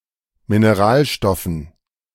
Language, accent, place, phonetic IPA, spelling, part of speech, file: German, Germany, Berlin, [mineˈʁaːlˌʃtɔfn̩], Mineralstoffen, noun, De-Mineralstoffen.ogg
- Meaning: dative plural of Mineralstoff